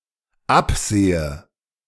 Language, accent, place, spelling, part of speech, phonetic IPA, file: German, Germany, Berlin, absehe, verb, [ˈapˌz̥eːə], De-absehe.ogg
- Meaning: inflection of absehen: 1. first-person singular dependent present 2. first/third-person singular dependent subjunctive I